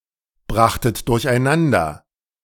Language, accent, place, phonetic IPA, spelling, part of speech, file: German, Germany, Berlin, [ˌbʁaxtət dʊʁçʔaɪ̯ˈnandɐ], brachtet durcheinander, verb, De-brachtet durcheinander.ogg
- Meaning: second-person plural preterite of durcheinanderbringen